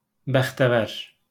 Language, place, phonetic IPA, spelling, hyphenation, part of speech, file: Azerbaijani, Baku, [bæxdæˈvæɾ], bəxtəvər, bəx‧tə‧vər, adjective / noun, LL-Q9292 (aze)-bəxtəvər.wav
- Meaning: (adjective) 1. lucky, fortunate 2. happy; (noun) a lucky person